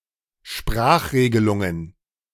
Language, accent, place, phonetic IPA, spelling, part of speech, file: German, Germany, Berlin, [ˈʃpʁaːxˌʁeːɡəlʊŋən], Sprachregelungen, noun, De-Sprachregelungen.ogg
- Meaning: plural of Sprachregelung